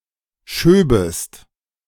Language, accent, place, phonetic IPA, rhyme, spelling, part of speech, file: German, Germany, Berlin, [ˈʃøːbəst], -øːbəst, schöbest, verb, De-schöbest.ogg
- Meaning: second-person singular subjunctive II of schieben